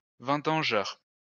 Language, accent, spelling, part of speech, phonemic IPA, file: French, France, vendangeur, noun, /vɑ̃.dɑ̃.ʒœʁ/, LL-Q150 (fra)-vendangeur.wav
- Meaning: vintager (grape picker/harvester)